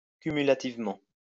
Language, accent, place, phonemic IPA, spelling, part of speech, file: French, France, Lyon, /ky.my.la.tiv.mɑ̃/, cumulativement, adverb, LL-Q150 (fra)-cumulativement.wav
- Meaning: cumulatively